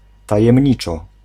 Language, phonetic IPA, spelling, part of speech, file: Polish, [ˌtajɛ̃mʲˈɲit͡ʃɔ], tajemniczo, adverb, Pl-tajemniczo.ogg